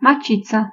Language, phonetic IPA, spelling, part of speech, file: Polish, [maˈt͡ɕit͡sa], macica, noun, Pl-macica.ogg